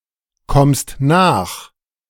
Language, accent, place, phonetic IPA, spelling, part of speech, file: German, Germany, Berlin, [ˌkɔmst ˈnaːx], kommst nach, verb, De-kommst nach.ogg
- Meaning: second-person singular present of nachkommen